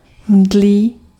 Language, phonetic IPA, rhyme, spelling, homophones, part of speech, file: Czech, [ˈmdliː], -liː, mdlý, mdlí, adjective, Cs-mdlý.ogg
- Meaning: insipid (unappetizingly flavorless)